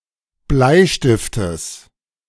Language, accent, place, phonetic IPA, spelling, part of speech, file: German, Germany, Berlin, [ˈblaɪ̯ˌʃtɪftəs], Bleistiftes, noun, De-Bleistiftes.ogg
- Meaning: genitive singular of Bleistift